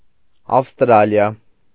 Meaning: Australia (a country consisting of a main island, the island of Tasmania and other smaller islands, located in Oceania; historically, a collection of former colonies of the British Empire)
- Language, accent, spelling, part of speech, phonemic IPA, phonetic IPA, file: Armenian, Eastern Armenian, Ավստրալիա, proper noun, /ɑfstˈɾɑliɑ/, [ɑfstɾɑ́ljɑ], Hy-Ավստրալիա.ogg